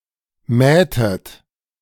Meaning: inflection of mähen: 1. second-person plural preterite 2. second-person plural subjunctive II
- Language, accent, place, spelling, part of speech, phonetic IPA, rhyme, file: German, Germany, Berlin, mähtet, verb, [ˈmɛːtət], -ɛːtət, De-mähtet.ogg